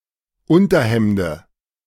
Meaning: dative of Unterhemd
- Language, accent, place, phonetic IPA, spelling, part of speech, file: German, Germany, Berlin, [ˈʊntɐˌhɛmdə], Unterhemde, noun, De-Unterhemde.ogg